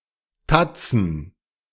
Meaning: plural of Tatze
- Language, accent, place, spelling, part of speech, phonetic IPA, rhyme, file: German, Germany, Berlin, Tatzen, noun, [ˈtat͡sn̩], -at͡sn̩, De-Tatzen.ogg